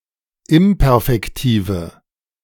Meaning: inflection of imperfektiv: 1. strong/mixed nominative/accusative feminine singular 2. strong nominative/accusative plural 3. weak nominative all-gender singular
- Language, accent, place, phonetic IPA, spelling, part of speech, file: German, Germany, Berlin, [ˈɪmpɛʁfɛktiːvə], imperfektive, adjective, De-imperfektive.ogg